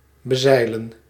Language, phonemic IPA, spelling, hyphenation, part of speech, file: Dutch, /bəˈzɛi̯.lə(n)/, bezeilen, be‧zei‧len, verb, Nl-bezeilen.ogg
- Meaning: 1. to sail on (a body of water), to sail 2. to reach by sailing, to arrive (by sailing) at 3. to overtake by sailing, to encounter while sailing